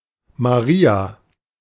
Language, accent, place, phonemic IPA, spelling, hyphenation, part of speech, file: German, Germany, Berlin, /maˈʁiːa/, Maria, Ma‧ri‧a, proper noun, De-Maria.ogg
- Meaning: 1. a female given name, equivalent to English Mary 2. a male given name, used as a middle name, chiefly by Catholics